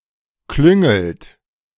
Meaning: inflection of klüngeln: 1. second-person plural present 2. third-person singular present 3. plural imperative
- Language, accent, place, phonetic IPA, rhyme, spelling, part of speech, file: German, Germany, Berlin, [ˈklʏŋl̩t], -ʏŋl̩t, klüngelt, verb, De-klüngelt.ogg